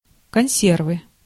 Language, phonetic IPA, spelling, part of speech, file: Russian, [kɐn⁽ʲ⁾ˈsʲervɨ], консервы, noun, Ru-консервы.ogg
- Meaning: canned / tinned / potted goods, canned food